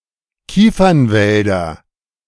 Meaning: nominative/accusative/genitive plural of Kiefernwald
- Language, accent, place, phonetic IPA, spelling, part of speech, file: German, Germany, Berlin, [ˈkiːfɐnˌvɛldɐ], Kiefernwälder, noun, De-Kiefernwälder.ogg